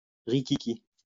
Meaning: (adjective) tiny, narrow, cramped; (noun) cheap, inferior brandy
- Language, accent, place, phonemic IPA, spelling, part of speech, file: French, France, Lyon, /ʁi.ki.ki/, riquiqui, adjective / noun, LL-Q150 (fra)-riquiqui.wav